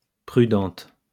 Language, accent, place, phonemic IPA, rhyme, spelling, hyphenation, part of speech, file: French, France, Lyon, /pʁy.dɑ̃t/, -ɑ̃t, prudente, pru‧dente, adjective, LL-Q150 (fra)-prudente.wav
- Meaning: feminine singular of prudent